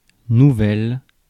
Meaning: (adjective) feminine singular of nouveau (“new”); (noun) 1. news, a piece of information 2. novella, short story
- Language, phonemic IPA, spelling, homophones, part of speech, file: French, /nu.vɛl/, nouvelle, nouvel / nouvelles, adjective / noun, Fr-nouvelle.ogg